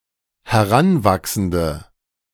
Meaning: inflection of heranwachsend: 1. strong/mixed nominative/accusative feminine singular 2. strong nominative/accusative plural 3. weak nominative all-gender singular
- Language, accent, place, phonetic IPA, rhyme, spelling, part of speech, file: German, Germany, Berlin, [hɛˈʁanˌvaksn̩də], -anvaksn̩də, heranwachsende, adjective, De-heranwachsende.ogg